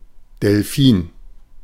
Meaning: alternative spelling of Delphin
- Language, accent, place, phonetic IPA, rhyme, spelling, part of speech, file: German, Germany, Berlin, [dɛlˈfiːn], -iːn, Delfin, noun, De-Delfin.ogg